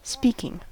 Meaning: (adjective) 1. Used in speaking 2. Expressive; eloquent 3. Involving speaking 4. Having the ability of speech 5. Having the ability of speech.: Having competence in a language
- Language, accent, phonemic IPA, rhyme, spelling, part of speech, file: English, US, /ˈspi.kɪŋ/, -iːkɪŋ, speaking, adjective / noun / verb / interjection, En-us-speaking.ogg